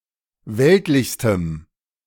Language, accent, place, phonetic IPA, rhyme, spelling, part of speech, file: German, Germany, Berlin, [ˈvɛltlɪçstəm], -ɛltlɪçstəm, weltlichstem, adjective, De-weltlichstem.ogg
- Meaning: strong dative masculine/neuter singular superlative degree of weltlich